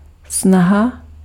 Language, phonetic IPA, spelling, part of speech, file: Czech, [ˈsnaɦa], snaha, noun, Cs-snaha.ogg
- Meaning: effort